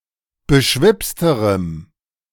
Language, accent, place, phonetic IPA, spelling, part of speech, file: German, Germany, Berlin, [bəˈʃvɪpstəʁəm], beschwipsterem, adjective, De-beschwipsterem.ogg
- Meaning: strong dative masculine/neuter singular comparative degree of beschwipst